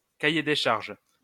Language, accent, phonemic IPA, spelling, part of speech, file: French, France, /ka.je de ʃaʁʒ/, cahier des charges, noun, LL-Q150 (fra)-cahier des charges.wav
- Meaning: specifications, specs, requirements; brief